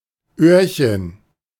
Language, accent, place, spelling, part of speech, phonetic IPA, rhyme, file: German, Germany, Berlin, Öhrchen, noun, [ˈøːɐ̯çən], -øːɐ̯çən, De-Öhrchen.ogg
- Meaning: diminutive of Ohr; little ear